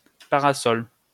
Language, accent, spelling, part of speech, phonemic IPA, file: French, France, parasol, noun, /pa.ʁa.sɔl/, LL-Q150 (fra)-parasol.wav
- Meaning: a large, anchored umbrella used as protection from the sun